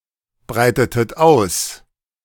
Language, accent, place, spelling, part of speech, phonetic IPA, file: German, Germany, Berlin, breitetet aus, verb, [ˌbʁaɪ̯tətət ˈaʊ̯s], De-breitetet aus.ogg
- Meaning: inflection of ausbreiten: 1. second-person plural preterite 2. second-person plural subjunctive II